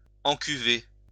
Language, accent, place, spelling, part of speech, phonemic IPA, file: French, France, Lyon, encuver, verb, /ɑ̃.ky.ve/, LL-Q150 (fra)-encuver.wav
- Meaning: to put into a vat or a tank